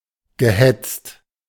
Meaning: past participle of hetzen
- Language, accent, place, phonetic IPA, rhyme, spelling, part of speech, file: German, Germany, Berlin, [ɡəˈhɛt͡st], -ɛt͡st, gehetzt, verb, De-gehetzt.ogg